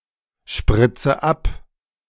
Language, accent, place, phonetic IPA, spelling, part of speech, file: German, Germany, Berlin, [ˌʃpʁɪt͡sə ˈap], spritze ab, verb, De-spritze ab.ogg
- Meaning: inflection of abspritzen: 1. first-person singular present 2. first/third-person singular subjunctive I 3. singular imperative